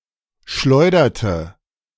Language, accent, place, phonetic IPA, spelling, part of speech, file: German, Germany, Berlin, [ˈʃlɔɪ̯dɐtə], schleuderte, verb, De-schleuderte.ogg
- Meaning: inflection of schleudern: 1. first/third-person singular preterite 2. first/third-person singular subjunctive II